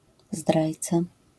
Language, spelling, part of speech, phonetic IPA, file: Polish, zdrajca, noun, [ˈzdrajt͡sa], LL-Q809 (pol)-zdrajca.wav